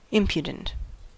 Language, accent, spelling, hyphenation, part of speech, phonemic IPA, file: English, US, impudent, im‧pu‧dent, adjective, /ˈɪmpjədn̩t/, En-us-impudent.ogg
- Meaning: 1. Not showing due respect; bold-faced, impertinent 2. Lacking modesty or shame; indelicate